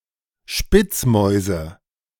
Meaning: nominative/accusative/genitive plural of Spitzmaus
- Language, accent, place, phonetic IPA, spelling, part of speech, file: German, Germany, Berlin, [ˈʃpɪt͡sˌmɔɪ̯zə], Spitzmäuse, noun, De-Spitzmäuse.ogg